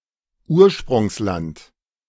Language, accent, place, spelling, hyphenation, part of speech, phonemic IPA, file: German, Germany, Berlin, Ursprungsland, Ur‧sprungs‧land, noun, /ˈuːɐ̯ʃpʁʊŋslant/, De-Ursprungsland.ogg
- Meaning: country of origin